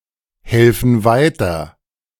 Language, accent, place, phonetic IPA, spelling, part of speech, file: German, Germany, Berlin, [ˌhɛlfn̩ ˈvaɪ̯tɐ], helfen weiter, verb, De-helfen weiter.ogg
- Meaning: inflection of weiterhelfen: 1. first/third-person plural present 2. first/third-person plural subjunctive I